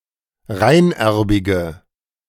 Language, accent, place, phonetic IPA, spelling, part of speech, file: German, Germany, Berlin, [ˈʁaɪ̯nˌʔɛʁbɪɡə], reinerbige, adjective, De-reinerbige.ogg
- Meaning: inflection of reinerbig: 1. strong/mixed nominative/accusative feminine singular 2. strong nominative/accusative plural 3. weak nominative all-gender singular